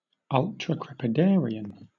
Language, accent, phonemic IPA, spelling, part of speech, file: English, Southern England, /ˌʌltɹəˌkɹɛpɪˈdɛəɹiən/, ultracrepidarian, adjective / noun, LL-Q1860 (eng)-ultracrepidarian.wav
- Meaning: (adjective) Giving or offering opinions on something beyond one's knowledge or expertise